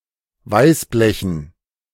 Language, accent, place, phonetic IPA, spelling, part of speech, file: German, Germany, Berlin, [ˈvaɪ̯sˌblɛçn̩], Weißblechen, noun, De-Weißblechen.ogg
- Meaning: dative plural of Weißblech